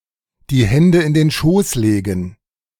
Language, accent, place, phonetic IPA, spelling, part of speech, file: German, Germany, Berlin, [diː ˈhɛndə ɪn deːn ʃoːs ˈleːɡn̩], die Hände in den Schoß legen, verb, De-die Hände in den Schoß legen.ogg
- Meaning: to twiddle one's thumbs